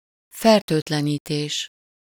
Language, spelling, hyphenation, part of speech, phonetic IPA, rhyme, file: Hungarian, fertőtlenítés, fer‧tőt‧le‧ní‧tés, noun, [ˈfɛrtøːtlɛniːteːʃ], -eːʃ, Hu-fertőtlenítés.ogg
- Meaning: disinfection (destruction or removal of microorganisms)